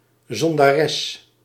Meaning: a female sinner
- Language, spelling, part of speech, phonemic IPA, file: Dutch, zondares, noun, /ˌzɔn.daːˈrɛs/, Nl-zondares.ogg